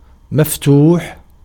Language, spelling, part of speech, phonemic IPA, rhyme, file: Arabic, مفتوح, adjective, /maf.tuːħ/, -uːħ, Ar-مفتوح.ogg
- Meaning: 1. open 2. followed by the vowel sign fatḥa